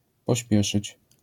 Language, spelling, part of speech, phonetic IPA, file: Polish, pośpieszyć, verb, [pɔˈɕpʲjɛʃɨt͡ɕ], LL-Q809 (pol)-pośpieszyć.wav